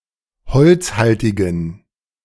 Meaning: inflection of holzhaltig: 1. strong genitive masculine/neuter singular 2. weak/mixed genitive/dative all-gender singular 3. strong/weak/mixed accusative masculine singular 4. strong dative plural
- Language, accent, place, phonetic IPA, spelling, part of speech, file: German, Germany, Berlin, [ˈhɔlt͡sˌhaltɪɡn̩], holzhaltigen, adjective, De-holzhaltigen.ogg